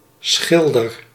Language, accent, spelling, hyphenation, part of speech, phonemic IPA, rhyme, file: Dutch, Netherlands, schilder, schil‧der, noun / verb, /ˈsxɪl.dər/, -ɪldər, Nl-schilder.ogg
- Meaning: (noun) painter; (verb) inflection of schilderen: 1. first-person singular present indicative 2. second-person singular present indicative 3. imperative